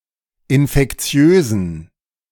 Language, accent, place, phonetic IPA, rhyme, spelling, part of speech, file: German, Germany, Berlin, [ɪnfɛkˈt͡si̯øːzn̩], -øːzn̩, infektiösen, adjective, De-infektiösen.ogg
- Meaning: inflection of infektiös: 1. strong genitive masculine/neuter singular 2. weak/mixed genitive/dative all-gender singular 3. strong/weak/mixed accusative masculine singular 4. strong dative plural